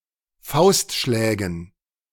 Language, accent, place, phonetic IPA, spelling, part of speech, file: German, Germany, Berlin, [ˈfaʊ̯stˌʃlɛːɡn̩], Faustschlägen, noun, De-Faustschlägen.ogg
- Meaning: dative plural of Faustschlag